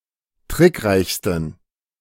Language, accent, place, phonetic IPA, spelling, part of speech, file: German, Germany, Berlin, [ˈtʁɪkˌʁaɪ̯çstn̩], trickreichsten, adjective, De-trickreichsten.ogg
- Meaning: 1. superlative degree of trickreich 2. inflection of trickreich: strong genitive masculine/neuter singular superlative degree